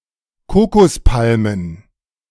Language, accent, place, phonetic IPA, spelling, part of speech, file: German, Germany, Berlin, [ˈkoːkɔsˌpalmən], Kokospalmen, noun, De-Kokospalmen.ogg
- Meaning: plural of Kokospalme